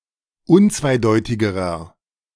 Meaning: inflection of unzweideutig: 1. strong/mixed nominative masculine singular comparative degree 2. strong genitive/dative feminine singular comparative degree 3. strong genitive plural comparative degree
- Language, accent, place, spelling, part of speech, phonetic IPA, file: German, Germany, Berlin, unzweideutigerer, adjective, [ˈʊnt͡svaɪ̯ˌdɔɪ̯tɪɡəʁɐ], De-unzweideutigerer.ogg